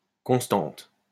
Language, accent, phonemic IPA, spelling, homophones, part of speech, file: French, France, /kɔ̃s.tɑ̃t/, constante, constantes, adjective / noun, LL-Q150 (fra)-constante.wav
- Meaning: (adjective) feminine singular of constant; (noun) constant (quantity that remains at a fixed value throughout a given discussion)